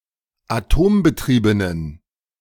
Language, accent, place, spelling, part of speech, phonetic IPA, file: German, Germany, Berlin, atombetriebenen, adjective, [aˈtoːmbəˌtʁiːbənən], De-atombetriebenen.ogg
- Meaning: inflection of atombetrieben: 1. strong genitive masculine/neuter singular 2. weak/mixed genitive/dative all-gender singular 3. strong/weak/mixed accusative masculine singular 4. strong dative plural